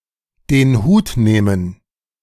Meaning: to resign, quit
- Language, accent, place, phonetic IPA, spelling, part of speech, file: German, Germany, Berlin, [deːn huːt ˈneːmən], den Hut nehmen, verb, De-den Hut nehmen.ogg